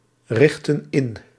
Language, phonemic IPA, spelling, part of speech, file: Dutch, /ˈrɪxtə(n) ˈɪn/, richtten in, verb, Nl-richtten in.ogg
- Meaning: inflection of inrichten: 1. plural past indicative 2. plural past subjunctive